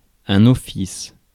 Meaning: 1. charge, task, mandate 2. administrative bureau, department
- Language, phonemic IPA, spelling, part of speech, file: French, /ɔ.fis/, office, noun, Fr-office.ogg